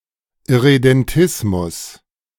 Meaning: irredentism
- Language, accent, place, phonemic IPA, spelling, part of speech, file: German, Germany, Berlin, /ɪʁedɛnˈtɪsmʊs/, Irredentismus, noun, De-Irredentismus.ogg